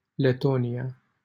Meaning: Latvia (a country in northeastern Europe)
- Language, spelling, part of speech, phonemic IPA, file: Romanian, Letonia, proper noun, /leˈto.ni.(j)a/, LL-Q7913 (ron)-Letonia.wav